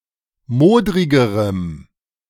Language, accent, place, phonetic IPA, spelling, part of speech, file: German, Germany, Berlin, [ˈmoːdʁɪɡəʁəm], modrigerem, adjective, De-modrigerem.ogg
- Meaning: strong dative masculine/neuter singular comparative degree of modrig